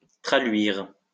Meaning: to become translucent
- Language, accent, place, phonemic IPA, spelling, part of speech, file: French, France, Lyon, /tʁa.lɥiʁ/, traluire, verb, LL-Q150 (fra)-traluire.wav